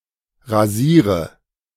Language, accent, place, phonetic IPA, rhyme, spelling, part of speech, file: German, Germany, Berlin, [ʁaˈziːʁə], -iːʁə, rasiere, verb, De-rasiere.ogg
- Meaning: inflection of rasieren: 1. first-person singular present 2. first/third-person singular subjunctive I 3. singular imperative